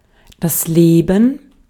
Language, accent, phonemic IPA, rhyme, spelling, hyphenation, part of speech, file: German, Austria, /ˈleːbən/, -eːbən, Leben, Le‧ben, noun, De-at-Leben.ogg
- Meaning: 1. gerund of leben: living 2. life; being alive: a state in which organic entities such as animals, plants and bacteria have properties like metabolism, adaptation and replication